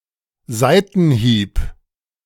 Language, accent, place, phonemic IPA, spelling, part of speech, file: German, Germany, Berlin, /ˈzaɪ̯tn̩ˌhiːp/, Seitenhieb, noun, De-Seitenhieb.ogg
- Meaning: 1. sideswipe 2. skit 3. potshot, dig, sideswipe